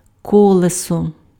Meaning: wheel
- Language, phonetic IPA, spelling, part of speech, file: Ukrainian, [ˈkɔɫesɔ], колесо, noun, Uk-колесо.ogg